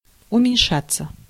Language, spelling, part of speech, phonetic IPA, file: Russian, уменьшаться, verb, [ʊmʲɪnʲˈʂat͡sːə], Ru-уменьшаться.ogg
- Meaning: 1. to diminish, to decrease 2. passive of уменьша́ть (umenʹšátʹ)